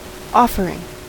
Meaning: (noun) gerund of offer: 1. The act by which something is offered 2. That which has been offered; a sacrifice 3. An oblation or presentation made as a religious act
- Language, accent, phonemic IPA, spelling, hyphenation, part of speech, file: English, General American, /ˈɔfəɹɪŋ/, offering, of‧fer‧ing, noun / verb, En-us-offering.ogg